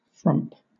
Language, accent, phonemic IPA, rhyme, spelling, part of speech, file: English, Southern England, /fɹʌmp/, -ʌmp, frump, noun / verb, LL-Q1860 (eng)-frump.wav
- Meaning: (noun) 1. A frumpy person, somebody who is unattractive, drab or dowdy 2. Unattractive, dowdy clothes 3. A bad-tempered person 4. A flout or snub; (verb) To insult; to flout; to mock; to snub